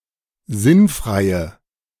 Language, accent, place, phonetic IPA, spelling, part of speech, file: German, Germany, Berlin, [ˈzɪnˌfʁaɪ̯ə], sinnfreie, adjective, De-sinnfreie.ogg
- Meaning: inflection of sinnfrei: 1. strong/mixed nominative/accusative feminine singular 2. strong nominative/accusative plural 3. weak nominative all-gender singular